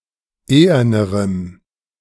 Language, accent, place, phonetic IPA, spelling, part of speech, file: German, Germany, Berlin, [ˈeːɐnəʁəm], ehernerem, adjective, De-ehernerem.ogg
- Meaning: strong dative masculine/neuter singular comparative degree of ehern